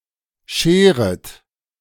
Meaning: second-person plural subjunctive I of scheren
- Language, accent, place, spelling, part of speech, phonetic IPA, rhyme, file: German, Germany, Berlin, scheret, verb, [ˈʃeːʁət], -eːʁət, De-scheret.ogg